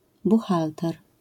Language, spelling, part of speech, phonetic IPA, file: Polish, buchalter, noun, [buˈxaltɛr], LL-Q809 (pol)-buchalter.wav